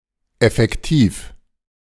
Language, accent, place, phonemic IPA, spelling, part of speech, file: German, Germany, Berlin, /ɛfɛkˈtiːf/, effektiv, adjective, De-effektiv.ogg
- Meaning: 1. effective 2. actual